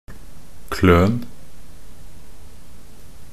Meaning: imperative of kløne
- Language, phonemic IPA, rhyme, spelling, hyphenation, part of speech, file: Norwegian Bokmål, /kløːn/, -øːn, kløn, kløn, verb, Nb-kløn.ogg